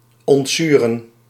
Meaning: 1. to remove acid, to deacidify 2. to begin to become acidic 3. to dislike, be opposed to
- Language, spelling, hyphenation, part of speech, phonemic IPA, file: Dutch, ontzuren, ont‧zu‧ren, verb, /ˌɔntˈzy.rə(n)/, Nl-ontzuren.ogg